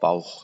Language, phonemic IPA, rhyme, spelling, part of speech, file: German, /baʊ̯x/, -aʊ̯x, Bauch, noun / proper noun, De-Bauch.ogg
- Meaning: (noun) abdomen, belly; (proper noun) a surname